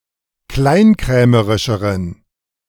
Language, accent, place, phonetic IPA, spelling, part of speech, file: German, Germany, Berlin, [ˈklaɪ̯nˌkʁɛːməʁɪʃəʁən], kleinkrämerischeren, adjective, De-kleinkrämerischeren.ogg
- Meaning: inflection of kleinkrämerisch: 1. strong genitive masculine/neuter singular comparative degree 2. weak/mixed genitive/dative all-gender singular comparative degree